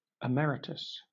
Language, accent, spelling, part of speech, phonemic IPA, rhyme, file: English, Southern England, emeritus, adjective / noun, /ɪˈmɛɹɪtəs/, -ɛɹɪtəs, LL-Q1860 (eng)-emeritus.wav
- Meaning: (adjective) Retired, but retaining an honorific version of a previous title